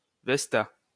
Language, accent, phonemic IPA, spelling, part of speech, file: French, France, /vɛs.ta/, Vesta, proper noun, LL-Q150 (fra)-Vesta.wav
- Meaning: Vesta